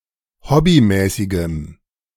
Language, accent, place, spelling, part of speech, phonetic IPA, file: German, Germany, Berlin, hobbymäßigem, adjective, [ˈhɔbiˌmɛːsɪɡəm], De-hobbymäßigem.ogg
- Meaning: strong dative masculine/neuter singular of hobbymäßig